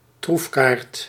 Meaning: 1. a trump card, trump 2. an advantage kept hidden
- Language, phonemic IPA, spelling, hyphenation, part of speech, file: Dutch, /ˈtruf.kaːrt/, troefkaart, troef‧kaart, noun, Nl-troefkaart.ogg